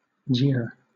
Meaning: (noun) A mocking remark or reflection; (verb) 1. To utter sarcastic or mocking comments; to speak with mockery or derision; to use taunting language 2. To mock; treat with mockery; to taunt
- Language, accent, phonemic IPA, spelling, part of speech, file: English, Southern England, /d͡ʒɪə/, jeer, noun / verb, LL-Q1860 (eng)-jeer.wav